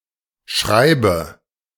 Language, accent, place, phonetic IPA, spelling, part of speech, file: German, Germany, Berlin, [ˈʃʁaɪ̯bə], Schreibe, noun, De-Schreibe.ogg
- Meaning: 1. writing 2. (writing) style